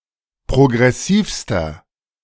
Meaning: inflection of progressiv: 1. strong/mixed nominative masculine singular superlative degree 2. strong genitive/dative feminine singular superlative degree 3. strong genitive plural superlative degree
- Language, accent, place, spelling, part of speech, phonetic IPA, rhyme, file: German, Germany, Berlin, progressivster, adjective, [pʁoɡʁɛˈsiːfstɐ], -iːfstɐ, De-progressivster.ogg